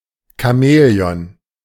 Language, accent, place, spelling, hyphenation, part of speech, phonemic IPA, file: German, Germany, Berlin, Chamäleon, Cha‧mä‧le‧on, noun, /kaˈmɛːleˌɔn/, De-Chamäleon.ogg
- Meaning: 1. chameleon 2. flip-flopper 3. Chamaeleon